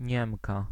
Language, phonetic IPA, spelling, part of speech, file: Polish, [ˈɲɛ̃mka], Niemka, noun, Pl-Niemka.ogg